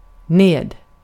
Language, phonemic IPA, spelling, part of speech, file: Swedish, /neːd/, ned, adverb, Sv-ned.ogg
- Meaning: down